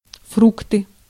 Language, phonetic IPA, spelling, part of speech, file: Russian, [ˈfruktɨ], фрукты, noun, Ru-фрукты.ogg
- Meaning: nominative/accusative plural of фрукт (frukt)